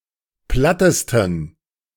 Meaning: 1. superlative degree of platt 2. inflection of platt: strong genitive masculine/neuter singular superlative degree
- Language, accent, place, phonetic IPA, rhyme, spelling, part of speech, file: German, Germany, Berlin, [ˈplatəstn̩], -atəstn̩, plattesten, adjective, De-plattesten.ogg